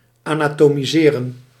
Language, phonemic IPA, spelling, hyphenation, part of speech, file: Dutch, /ˌaː.naː.toː.miˈzeː.rə(n)/, anatomiseren, ana‧to‧mi‧se‧ren, verb, Nl-anatomiseren.ogg
- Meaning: to dissect